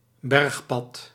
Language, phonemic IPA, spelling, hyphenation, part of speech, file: Dutch, /ˈbɛrxpɑt/, bergpad, berg‧pad, noun, Nl-bergpad.ogg
- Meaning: mountain path, mountainous road